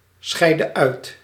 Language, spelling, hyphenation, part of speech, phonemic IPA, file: Dutch, scheidde uit, scheid‧de uit, verb, /ˌsxɛi̯.də ˈœy̯t/, Nl-scheidde uit.ogg
- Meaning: inflection of uitscheiden: 1. singular past indicative 2. singular past subjunctive